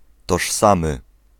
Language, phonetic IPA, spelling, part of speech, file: Polish, [tɔʃˈsãmɨ], tożsamy, adjective, Pl-tożsamy.ogg